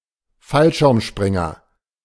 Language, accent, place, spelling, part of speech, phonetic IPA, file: German, Germany, Berlin, Fallschirmspringer, noun, [ˈfalʃɪʁmˌʃpʁɪŋɐ], De-Fallschirmspringer.ogg
- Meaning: 1. parachutist 2. skydiver